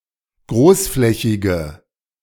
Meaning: inflection of großflächig: 1. strong/mixed nominative/accusative feminine singular 2. strong nominative/accusative plural 3. weak nominative all-gender singular
- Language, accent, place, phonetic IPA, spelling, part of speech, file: German, Germany, Berlin, [ˈɡʁoːsˌflɛçɪɡə], großflächige, adjective, De-großflächige.ogg